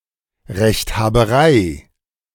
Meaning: self-opinionatedness, the tendency of a person to consider themselves right when disagreeing with other people
- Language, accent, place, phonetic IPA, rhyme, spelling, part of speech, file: German, Germany, Berlin, [ˌʁɛçthaːbəˈʁaɪ̯], -aɪ̯, Rechthaberei, noun, De-Rechthaberei.ogg